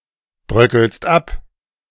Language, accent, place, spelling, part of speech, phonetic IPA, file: German, Germany, Berlin, bröckelst ab, verb, [ˌbʁœkl̩st ˈap], De-bröckelst ab.ogg
- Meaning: second-person singular present of abbröckeln